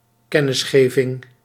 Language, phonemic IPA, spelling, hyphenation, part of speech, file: Dutch, /ˈkɛ.nɪsˌxeː.vɪŋ/, kennisgeving, ken‧nis‧ge‧ving, noun, Nl-kennisgeving.ogg
- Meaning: 1. the act of informing, notifying; notification 2. a notice, a message, a notification